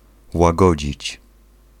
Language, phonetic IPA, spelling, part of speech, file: Polish, [waˈɡɔd͡ʑit͡ɕ], łagodzić, verb, Pl-łagodzić.ogg